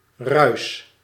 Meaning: 1. noise, rushing sound 2. sound or signal generated by random fluctuations; static
- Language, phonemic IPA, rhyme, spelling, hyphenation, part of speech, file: Dutch, /rœy̯s/, -œy̯s, ruis, ruis, noun, Nl-ruis.ogg